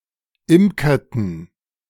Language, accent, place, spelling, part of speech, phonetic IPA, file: German, Germany, Berlin, imkerten, verb, [ˈɪmkɐtn̩], De-imkerten.ogg
- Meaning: inflection of imkern: 1. first/third-person plural preterite 2. first/third-person plural subjunctive II